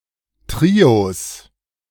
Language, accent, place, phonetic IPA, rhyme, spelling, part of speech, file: German, Germany, Berlin, [ˈtʁios], -iːos, Trios, noun, De-Trios.ogg
- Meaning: plural of Trio